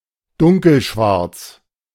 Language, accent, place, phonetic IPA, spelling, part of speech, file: German, Germany, Berlin, [ˈdʊŋkl̩ˌʃvaʁt͡s], dunkelschwarz, adjective, De-dunkelschwarz.ogg
- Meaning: deep / intense black